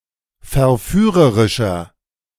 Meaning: 1. comparative degree of verführerisch 2. inflection of verführerisch: strong/mixed nominative masculine singular 3. inflection of verführerisch: strong genitive/dative feminine singular
- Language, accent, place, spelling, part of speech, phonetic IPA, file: German, Germany, Berlin, verführerischer, adjective, [fɛɐ̯ˈfyːʁəʁɪʃɐ], De-verführerischer.ogg